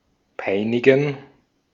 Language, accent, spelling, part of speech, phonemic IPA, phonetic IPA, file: German, Austria, peinigen, verb, /ˈpaɪ̯nɪɡən/, [ˈpaɪ̯nɪɡn̩], De-at-peinigen.ogg
- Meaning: to torment, harry